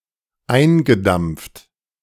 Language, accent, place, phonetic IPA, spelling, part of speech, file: German, Germany, Berlin, [ˈaɪ̯nɡəˌdamp͡ft], eingedampft, verb, De-eingedampft.ogg
- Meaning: past participle of eindampfen